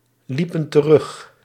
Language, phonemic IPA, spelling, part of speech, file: Dutch, /ˈlipə(n) t(ə)ˈrʏx/, liepen terug, verb, Nl-liepen terug.ogg
- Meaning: inflection of teruglopen: 1. plural past indicative 2. plural past subjunctive